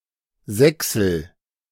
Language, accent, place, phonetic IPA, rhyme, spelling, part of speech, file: German, Germany, Berlin, [ˈzɛksl̩], -ɛksl̩, sächsel, verb, De-sächsel.ogg
- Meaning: inflection of sächseln: 1. first-person singular present 2. singular imperative